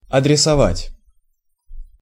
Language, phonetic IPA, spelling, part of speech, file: Russian, [ɐdrʲɪsɐˈvatʲ], адресовать, verb, Ru-адресовать.ogg
- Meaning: to address (something to someone)